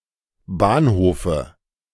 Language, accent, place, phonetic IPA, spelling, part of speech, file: German, Germany, Berlin, [ˈbaːnˌhoːfə], Bahnhofe, noun, De-Bahnhofe.ogg
- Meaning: dative singular of Bahnhof